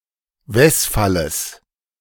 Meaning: genitive singular of Wesfall
- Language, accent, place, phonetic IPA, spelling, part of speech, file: German, Germany, Berlin, [ˈvɛsfaləs], Wesfalles, noun, De-Wesfalles.ogg